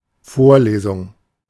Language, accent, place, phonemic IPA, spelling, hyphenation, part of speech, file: German, Germany, Berlin, /ˈfoːɐ̯ˌleːzʊŋ/, Vorlesung, Vor‧le‧sung, noun, De-Vorlesung.ogg
- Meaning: lecture